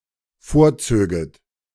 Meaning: second-person plural dependent subjunctive II of vorziehen
- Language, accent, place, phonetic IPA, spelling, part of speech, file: German, Germany, Berlin, [ˈfoːɐ̯ˌt͡søːɡət], vorzöget, verb, De-vorzöget.ogg